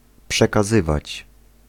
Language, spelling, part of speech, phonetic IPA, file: Polish, przekazywać, verb, [ˌpʃɛkaˈzɨvat͡ɕ], Pl-przekazywać.ogg